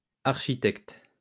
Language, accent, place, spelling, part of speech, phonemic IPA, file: French, France, Lyon, architectes, noun, /aʁ.ʃi.tɛkt/, LL-Q150 (fra)-architectes.wav
- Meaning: plural of architecte